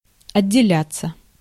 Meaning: 1. to separate, to get detached, to come off 2. to set up on one's own 3. passive of отделя́ть (otdeljátʹ)
- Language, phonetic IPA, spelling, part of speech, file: Russian, [ɐdʲːɪˈlʲat͡sːə], отделяться, verb, Ru-отделяться.ogg